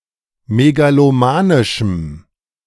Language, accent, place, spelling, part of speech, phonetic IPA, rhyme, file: German, Germany, Berlin, megalomanischem, adjective, [meɡaloˈmaːnɪʃm̩], -aːnɪʃm̩, De-megalomanischem.ogg
- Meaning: strong dative masculine/neuter singular of megalomanisch